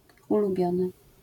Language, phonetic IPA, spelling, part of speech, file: Polish, [ˌuluˈbʲjɔ̃nɨ], ulubiony, adjective, LL-Q809 (pol)-ulubiony.wav